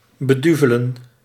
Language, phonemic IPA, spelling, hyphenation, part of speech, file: Dutch, /bəˈdyvələ(n)/, beduvelen, be‧du‧ve‧len, verb, Nl-beduvelen.ogg
- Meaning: to deceive, to cheat, to swindle